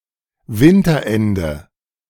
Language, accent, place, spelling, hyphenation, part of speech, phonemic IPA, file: German, Germany, Berlin, Winterende, Win‧ter‧en‧de, noun, /ˈvɪntɐˌɛndə/, De-Winterende.ogg
- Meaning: late winter, end of winter